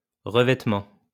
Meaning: any sort of protective surface such as overlay, coating or plating
- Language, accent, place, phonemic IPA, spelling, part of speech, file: French, France, Lyon, /ʁə.vɛt.mɑ̃/, revêtement, noun, LL-Q150 (fra)-revêtement.wav